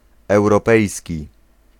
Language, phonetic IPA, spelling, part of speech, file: Polish, [ˌɛwrɔˈpɛjsʲci], europejski, adjective, Pl-europejski.ogg